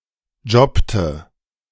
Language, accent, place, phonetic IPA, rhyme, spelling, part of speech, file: German, Germany, Berlin, [ˈd͡ʒɔptə], -ɔptə, jobbte, verb, De-jobbte.ogg
- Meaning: inflection of jobben: 1. first/third-person singular preterite 2. first/third-person singular subjunctive II